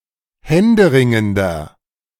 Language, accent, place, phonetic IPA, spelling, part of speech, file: German, Germany, Berlin, [ˈhɛndəˌʁɪŋəndɐ], händeringender, adjective, De-händeringender.ogg
- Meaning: 1. comparative degree of händeringend 2. inflection of händeringend: strong/mixed nominative masculine singular 3. inflection of händeringend: strong genitive/dative feminine singular